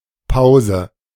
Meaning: pause (temporary interruption in speech or an activity)
- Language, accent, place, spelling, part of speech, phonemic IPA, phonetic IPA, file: German, Germany, Berlin, Pause, noun, /ˈpaʊ̯zə/, [ˈpaʊ̯zə], De-Pause.ogg